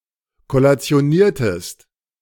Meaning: inflection of kollationieren: 1. second-person singular preterite 2. second-person singular subjunctive II
- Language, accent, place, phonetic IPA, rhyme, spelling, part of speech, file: German, Germany, Berlin, [kɔlat͡si̯oˈniːɐ̯təst], -iːɐ̯təst, kollationiertest, verb, De-kollationiertest.ogg